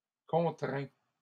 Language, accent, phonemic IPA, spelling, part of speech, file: French, Canada, /kɔ̃.tʁɛ̃/, contraint, adjective / verb, LL-Q150 (fra)-contraint.wav
- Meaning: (adjective) constrained; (verb) past participle of contraindre